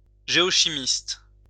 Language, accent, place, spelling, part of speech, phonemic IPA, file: French, France, Lyon, géochimiste, noun, /ʒe.ɔ.ʃi.mist/, LL-Q150 (fra)-géochimiste.wav
- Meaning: geochemist